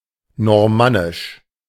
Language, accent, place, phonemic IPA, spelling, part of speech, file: German, Germany, Berlin, /nɔʁˈmanɪʃ/, normannisch, adjective, De-normannisch.ogg
- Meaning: Norman